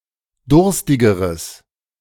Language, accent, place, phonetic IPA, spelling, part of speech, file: German, Germany, Berlin, [ˈdʊʁstɪɡəʁəs], durstigeres, adjective, De-durstigeres.ogg
- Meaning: strong/mixed nominative/accusative neuter singular comparative degree of durstig